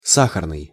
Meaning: 1. sugar 2. rich in sugar 3. sugary 4. sensual 5. sweet, pleasant, nice
- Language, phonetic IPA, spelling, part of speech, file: Russian, [ˈsaxərnɨj], сахарный, adjective, Ru-сахарный.ogg